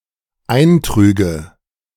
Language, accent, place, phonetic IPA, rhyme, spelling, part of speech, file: German, Germany, Berlin, [ˈaɪ̯nˌtʁyːɡə], -aɪ̯ntʁyːɡə, eintrüge, verb, De-eintrüge.ogg
- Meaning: first/third-person singular dependent subjunctive II of eintragen